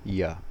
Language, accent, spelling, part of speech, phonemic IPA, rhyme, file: English, US, ya, pronoun, /jə/, -ə, En-us-ya.ogg
- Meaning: Nonstandard spelling of you